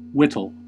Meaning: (noun) A knife; especially, a clasp-knife, pocket knife, or sheath knife; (verb) 1. To cut or shape wood with a knife 2. To reduce or gradually eliminate something (such as a debt)
- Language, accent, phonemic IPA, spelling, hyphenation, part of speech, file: English, US, /ˈwɪɾl̩/, whittle, whit‧tle, noun / verb, En-us-whittle.ogg